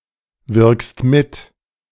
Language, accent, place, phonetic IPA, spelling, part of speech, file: German, Germany, Berlin, [ˌvɪʁkst ˈmɪt], wirkst mit, verb, De-wirkst mit.ogg
- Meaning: second-person singular present of mitwirken